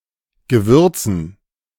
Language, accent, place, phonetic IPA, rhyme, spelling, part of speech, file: German, Germany, Berlin, [ɡəˈvʏʁt͡sn̩], -ʏʁt͡sn̩, Gewürzen, noun, De-Gewürzen.ogg
- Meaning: dative plural of Gewürz